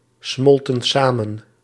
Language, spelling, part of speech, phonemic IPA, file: Dutch, smolten samen, verb, /ˈsmɔltə(n) ˈsamə(n)/, Nl-smolten samen.ogg
- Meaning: inflection of samensmelten: 1. plural past indicative 2. plural past subjunctive